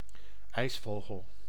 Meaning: 1. common kingfisher (Alcedo atthis) 2. kingfisher, any bird of the Alcedinidae
- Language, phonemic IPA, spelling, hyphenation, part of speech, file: Dutch, /ˈɛi̯sˌvoː.ɣəl/, ijsvogel, ijs‧vo‧gel, noun, Nl-ijsvogel.ogg